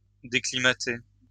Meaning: "to accustom to a foreign climate"
- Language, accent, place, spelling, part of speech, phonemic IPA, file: French, France, Lyon, déclimater, verb, /de.kli.ma.te/, LL-Q150 (fra)-déclimater.wav